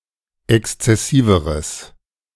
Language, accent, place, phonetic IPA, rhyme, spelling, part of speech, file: German, Germany, Berlin, [ˌɛkst͡sɛˈsiːvəʁəs], -iːvəʁəs, exzessiveres, adjective, De-exzessiveres.ogg
- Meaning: strong/mixed nominative/accusative neuter singular comparative degree of exzessiv